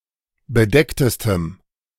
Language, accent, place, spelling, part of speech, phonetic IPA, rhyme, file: German, Germany, Berlin, bedecktestem, adjective, [bəˈdɛktəstəm], -ɛktəstəm, De-bedecktestem.ogg
- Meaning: strong dative masculine/neuter singular superlative degree of bedeckt